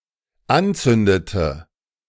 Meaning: inflection of anzünden: 1. first/third-person singular dependent preterite 2. first/third-person singular dependent subjunctive II
- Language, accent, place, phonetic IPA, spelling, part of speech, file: German, Germany, Berlin, [ˈanˌt͡sʏndətə], anzündete, verb, De-anzündete.ogg